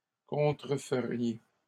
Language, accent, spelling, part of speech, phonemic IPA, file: French, Canada, contreferiez, verb, /kɔ̃.tʁə.fə.ʁje/, LL-Q150 (fra)-contreferiez.wav
- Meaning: second-person plural conditional of contrefaire